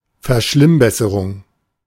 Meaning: disimprovement; attempted improvement that makes things worse
- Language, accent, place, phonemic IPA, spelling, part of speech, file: German, Germany, Berlin, /fɛɐ̯ˈʃlɪmˌbɛsəʁʊŋ/, Verschlimmbesserung, noun, De-Verschlimmbesserung.ogg